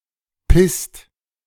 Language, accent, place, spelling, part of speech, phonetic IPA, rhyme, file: German, Germany, Berlin, pisst, verb, [pɪst], -ɪst, De-pisst.ogg
- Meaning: inflection of pissen: 1. second/third-person singular present 2. second-person plural present 3. plural imperative